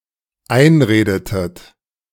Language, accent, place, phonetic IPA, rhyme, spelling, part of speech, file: German, Germany, Berlin, [ˈaɪ̯nˌʁeːdətət], -aɪ̯nʁeːdətət, einredetet, verb, De-einredetet.ogg
- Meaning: inflection of einreden: 1. second-person plural dependent preterite 2. second-person plural dependent subjunctive II